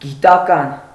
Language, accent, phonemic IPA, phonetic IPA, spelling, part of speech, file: Armenian, Eastern Armenian, /ɡitɑˈkɑn/, [ɡitɑkɑ́n], գիտական, adjective, Hy-գիտական.ogg
- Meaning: scientific